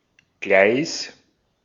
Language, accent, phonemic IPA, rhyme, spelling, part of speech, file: German, Austria, /ɡlaɪ̯s/, -aɪ̯s, Gleis, noun, De-at-Gleis.ogg
- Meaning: 1. railway (track on which trains run) 2. track